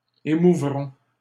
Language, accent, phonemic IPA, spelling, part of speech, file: French, Canada, /e.mu.vʁɔ̃/, émouvrons, verb, LL-Q150 (fra)-émouvrons.wav
- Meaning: first-person plural future of émouvoir